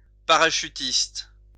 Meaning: 1. parachutist 2. paratrooper
- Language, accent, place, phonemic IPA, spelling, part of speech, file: French, France, Lyon, /pa.ʁa.ʃy.tist/, parachutiste, noun, LL-Q150 (fra)-parachutiste.wav